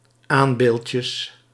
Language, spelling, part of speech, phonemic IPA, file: Dutch, aanbeeldjes, noun, /ˈambelcəs/, Nl-aanbeeldjes.ogg
- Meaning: plural of aanbeeldje